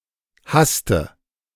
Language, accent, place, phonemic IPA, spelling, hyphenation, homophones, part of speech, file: German, Germany, Berlin, /ˈhastə/, haste, has‧te, hasste, verb / contraction, De-haste.ogg
- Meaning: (verb) inflection of hasten: 1. first-person singular present 2. first/third-person singular subjunctive I 3. singular imperative; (contraction) contraction of hast + du